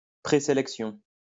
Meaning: 1. selection 2. national sports team
- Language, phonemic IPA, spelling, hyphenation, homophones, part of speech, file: French, /se.lɛk.sjɔ̃/, sélection, sé‧lec‧tion, sélections, noun, LL-Q150 (fra)-sélection.wav